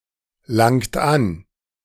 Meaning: inflection of anlangen: 1. second-person plural present 2. third-person singular present 3. plural imperative
- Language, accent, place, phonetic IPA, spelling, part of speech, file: German, Germany, Berlin, [ˌlaŋt ˈan], langt an, verb, De-langt an.ogg